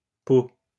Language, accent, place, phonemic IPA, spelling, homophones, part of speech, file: French, France, Lyon, /po/, peaux, pau / paux / peau / pot, noun, LL-Q150 (fra)-peaux.wav
- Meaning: plural of peau